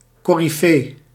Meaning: 1. coryphaeus, leader of the chorus in Classical Greek theatre 2. performing star artist, compare coryphée 3. one who excels in some discipline 4. figurehead
- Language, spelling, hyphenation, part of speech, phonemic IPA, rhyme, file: Dutch, coryfee, co‧ry‧fee, noun, /ˌkoː.riˈfeː/, -eː, Nl-coryfee.ogg